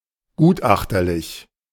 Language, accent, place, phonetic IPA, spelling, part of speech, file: German, Germany, Berlin, [ˈɡuːtˌʔaxtɐlɪç], gutachterlich, adjective, De-gutachterlich.ogg
- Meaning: expert